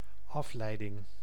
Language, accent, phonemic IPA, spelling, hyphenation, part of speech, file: Dutch, Netherlands, /ˈɑfˌlɛi̯.dɪŋ/, afleiding, af‧lei‧ding, noun, Nl-afleiding.ogg
- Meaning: 1. distraction 2. derivation (process by which a word has been derived) 3. derivative (a word which has been derived from another one)